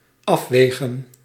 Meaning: 1. to weigh, to determine the weight of 2. to consider, to weigh the importance of
- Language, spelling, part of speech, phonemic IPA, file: Dutch, afwegen, verb, /ˈɑfʋeːɣə(n)/, Nl-afwegen.ogg